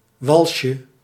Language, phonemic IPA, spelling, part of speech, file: Dutch, /ˈwɑlʃə/, walsje, noun, Nl-walsje.ogg
- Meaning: diminutive of wals